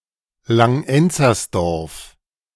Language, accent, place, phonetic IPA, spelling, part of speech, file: German, Germany, Berlin, [laŋˈʔɛnt͡sɐsdɔʁf], Langenzersdorf, proper noun, De-Langenzersdorf.ogg
- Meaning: a municipality of Lower Austria, Austria